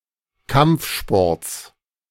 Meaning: genitive singular of Kampfsport
- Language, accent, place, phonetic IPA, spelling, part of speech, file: German, Germany, Berlin, [ˈkamp͡fˌʃpɔʁt͡s], Kampfsports, noun, De-Kampfsports.ogg